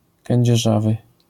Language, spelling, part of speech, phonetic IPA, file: Polish, kędzierzawy, adjective, [ˌkɛ̃ɲd͡ʑɛˈʒavɨ], LL-Q809 (pol)-kędzierzawy.wav